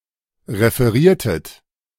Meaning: inflection of referieren: 1. second-person plural preterite 2. second-person plural subjunctive II
- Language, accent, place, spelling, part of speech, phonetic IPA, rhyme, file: German, Germany, Berlin, referiertet, verb, [ʁefəˈʁiːɐ̯tət], -iːɐ̯tət, De-referiertet.ogg